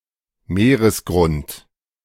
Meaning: ocean floor
- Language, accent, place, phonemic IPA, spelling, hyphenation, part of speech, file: German, Germany, Berlin, /ˈmeːʁəsˌɡʁʊnt/, Meeresgrund, Mee‧res‧grund, noun, De-Meeresgrund.ogg